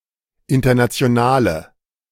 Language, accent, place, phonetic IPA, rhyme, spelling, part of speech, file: German, Germany, Berlin, [ˌɪntɐnat͡si̯oˈnaːlə], -aːlə, internationale, adjective, De-internationale.ogg
- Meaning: inflection of international: 1. strong/mixed nominative/accusative feminine singular 2. strong nominative/accusative plural 3. weak nominative all-gender singular